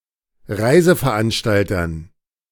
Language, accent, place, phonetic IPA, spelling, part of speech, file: German, Germany, Berlin, [ˈʁaɪ̯zəfɛɐ̯ˌʔanʃtaltɐn], Reiseveranstaltern, noun, De-Reiseveranstaltern.ogg
- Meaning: dative plural of Reiseveranstalter